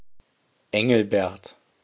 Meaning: a male given name
- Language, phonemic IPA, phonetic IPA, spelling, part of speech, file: German, /ˈɛŋl.bɛrt/, [ˈɛŋl̩.bɛɐ̯t], Engelbert, proper noun, De-Engelbert.ogg